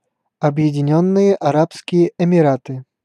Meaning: United Arab Emirates (a country in Western Asia; capital: Abu Dhabi)
- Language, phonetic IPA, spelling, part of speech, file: Russian, [ɐbjɪdʲɪˈnʲɵnːɨje ɐˈrapskʲɪje ɪmʲɪˈratɨ], Объединённые Арабские Эмираты, proper noun, Ru-Объединённые Арабские Эмираты.ogg